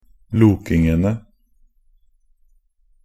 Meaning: definite plural of loking
- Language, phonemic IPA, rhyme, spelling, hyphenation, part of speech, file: Norwegian Bokmål, /ˈluːkɪŋənə/, -ənə, lokingene, lo‧king‧en‧e, noun, Nb-lokingene.ogg